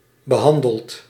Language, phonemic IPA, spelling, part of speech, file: Dutch, /bəˈɦɑndəlt/, behandeld, verb, Nl-behandeld.ogg
- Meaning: past participle of behandelen